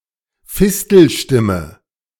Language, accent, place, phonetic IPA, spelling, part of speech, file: German, Germany, Berlin, [ˈfɪstl̩ˌʃtɪmə], Fistelstimme, noun, De-Fistelstimme.ogg
- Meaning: 1. A voice above one's normal pitch, used for speaking rather than singing 2. Someone speaking in such a voice